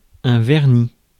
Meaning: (noun) 1. varnish 2. nail polish 3. veneer; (verb) masculine plural of verni
- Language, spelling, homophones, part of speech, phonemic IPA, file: French, vernis, verni / vernie / vernies / vernit, noun / verb, /vɛʁ.ni/, Fr-vernis.ogg